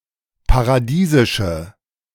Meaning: inflection of paradiesisch: 1. strong/mixed nominative/accusative feminine singular 2. strong nominative/accusative plural 3. weak nominative all-gender singular
- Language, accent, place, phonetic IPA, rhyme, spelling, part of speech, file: German, Germany, Berlin, [paʁaˈdiːzɪʃə], -iːzɪʃə, paradiesische, adjective, De-paradiesische.ogg